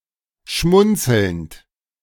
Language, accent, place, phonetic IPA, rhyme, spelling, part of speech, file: German, Germany, Berlin, [ˈʃmʊnt͡sl̩nt], -ʊnt͡sl̩nt, schmunzelnd, verb, De-schmunzelnd.ogg
- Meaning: present participle of schmunzeln